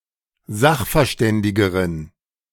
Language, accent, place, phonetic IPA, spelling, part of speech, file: German, Germany, Berlin, [ˈzaxfɛɐ̯ˌʃtɛndɪɡəʁən], sachverständigeren, adjective, De-sachverständigeren.ogg
- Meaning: inflection of sachverständig: 1. strong genitive masculine/neuter singular comparative degree 2. weak/mixed genitive/dative all-gender singular comparative degree